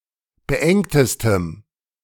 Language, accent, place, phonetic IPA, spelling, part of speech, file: German, Germany, Berlin, [bəˈʔɛŋtəstəm], beengtestem, adjective, De-beengtestem.ogg
- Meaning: strong dative masculine/neuter singular superlative degree of beengt